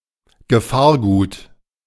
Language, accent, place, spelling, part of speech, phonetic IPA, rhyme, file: German, Germany, Berlin, Gefahrgut, noun, [ɡəˈfaːɐ̯ˌɡuːt], -aːɐ̯ɡuːt, De-Gefahrgut.ogg
- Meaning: hazardous material, dangerous goods